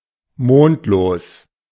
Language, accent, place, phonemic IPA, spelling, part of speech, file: German, Germany, Berlin, /ˈmoːntloːs/, mondlos, adjective, De-mondlos.ogg
- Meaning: moonless